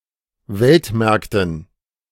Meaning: dative plural of Weltmarkt
- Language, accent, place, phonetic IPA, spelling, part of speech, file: German, Germany, Berlin, [ˈvɛltˌmɛʁktn̩], Weltmärkten, noun, De-Weltmärkten.ogg